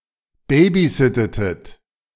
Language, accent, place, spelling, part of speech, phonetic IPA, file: German, Germany, Berlin, babysittetet, verb, [ˈbeːbiˌzɪtətət], De-babysittetet.ogg
- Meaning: inflection of babysitten: 1. second-person plural preterite 2. second-person plural subjunctive II